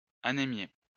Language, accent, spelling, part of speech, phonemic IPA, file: French, France, anémier, verb, /a.ne.mje/, LL-Q150 (fra)-anémier.wav
- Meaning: to make, or to become anemic / anaemic